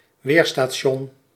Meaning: weather station, meteorological station
- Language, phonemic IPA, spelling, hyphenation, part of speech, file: Dutch, /ˈʋeːr.staːˌʃɔn/, weerstation, weer‧sta‧ti‧on, noun, Nl-weerstation.ogg